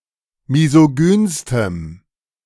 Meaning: strong dative masculine/neuter singular superlative degree of misogyn
- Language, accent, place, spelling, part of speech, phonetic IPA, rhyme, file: German, Germany, Berlin, misogynstem, adjective, [mizoˈɡyːnstəm], -yːnstəm, De-misogynstem.ogg